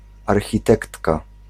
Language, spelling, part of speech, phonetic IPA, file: Polish, architektka, noun, [ˌarxʲiˈtɛktka], Pl-architektka.ogg